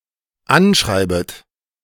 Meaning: second-person plural dependent subjunctive I of anschreiben
- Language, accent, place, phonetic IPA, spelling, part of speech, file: German, Germany, Berlin, [ˈanˌʃʁaɪ̯bət], anschreibet, verb, De-anschreibet.ogg